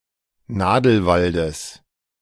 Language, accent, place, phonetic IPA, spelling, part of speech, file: German, Germany, Berlin, [ˈnaːdl̩ˌvaldəs], Nadelwaldes, noun, De-Nadelwaldes.ogg
- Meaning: genitive singular of Nadelwald